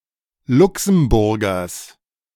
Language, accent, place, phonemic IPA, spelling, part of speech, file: German, Germany, Berlin, /ˈlʊksm̩ˌbʊʁɡɐs/, Luxemburgers, noun, De-Luxemburgers.ogg
- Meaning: genitive of Luxemburger